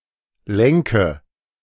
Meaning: inflection of lenken: 1. first-person singular present 2. first/third-person singular subjunctive I 3. singular imperative
- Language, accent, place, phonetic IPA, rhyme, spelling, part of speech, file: German, Germany, Berlin, [ˈlɛŋkə], -ɛŋkə, lenke, verb, De-lenke.ogg